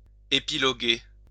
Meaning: 1. to criticize (someone or something) minutely and, often, pettily; to nitpick 2. to make long comments, often superfluous, sometimes malevolent; to blather on
- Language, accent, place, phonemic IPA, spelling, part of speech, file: French, France, Lyon, /e.pi.lɔ.ɡe/, épiloguer, verb, LL-Q150 (fra)-épiloguer.wav